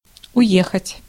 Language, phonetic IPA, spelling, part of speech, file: Russian, [ʊˈjexətʲ], уехать, verb, Ru-уехать.ogg
- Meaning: to go away, to drive off, to leave, to depart (by conveyance)